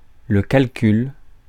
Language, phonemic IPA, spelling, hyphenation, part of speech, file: French, /kal.kyl/, calcul, cal‧cul, noun, Fr-calcul.ogg
- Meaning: 1. calculus, stone (stony concretion that forms in a bodily organ) 2. calculation, computation, reckoning 3. calculus 4. computing